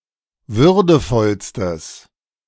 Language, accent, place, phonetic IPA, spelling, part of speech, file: German, Germany, Berlin, [ˈvʏʁdəfɔlstəs], würdevollstes, adjective, De-würdevollstes.ogg
- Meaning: strong/mixed nominative/accusative neuter singular superlative degree of würdevoll